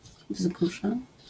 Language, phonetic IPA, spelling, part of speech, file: Polish, [ˈvzɡuʒɛ], wzgórze, noun, LL-Q809 (pol)-wzgórze.wav